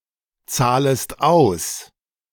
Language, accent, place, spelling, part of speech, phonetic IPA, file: German, Germany, Berlin, zahlest aus, verb, [ˌt͡saːləst ˈaʊ̯s], De-zahlest aus.ogg
- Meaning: second-person singular subjunctive I of auszahlen